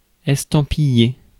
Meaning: to stamp (mark with a stamp)
- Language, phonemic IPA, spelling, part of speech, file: French, /ɛs.tɑ̃.pi.je/, estampiller, verb, Fr-estampiller.ogg